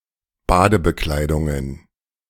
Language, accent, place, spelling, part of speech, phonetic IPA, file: German, Germany, Berlin, Badebekleidungen, noun, [ˈbaːdəbəˌklaɪ̯dʊŋən], De-Badebekleidungen.ogg
- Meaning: plural of Badebekleidung